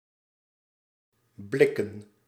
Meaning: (adjective) tin, tinnen, made of a light tinplate (or similar metallic alloy) as produced for cans; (verb) to look at, to glance; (noun) plural of blik
- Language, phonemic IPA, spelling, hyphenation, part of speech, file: Dutch, /ˈblɪkə(n)/, blikken, blik‧ken, adjective / verb / noun, Nl-blikken.ogg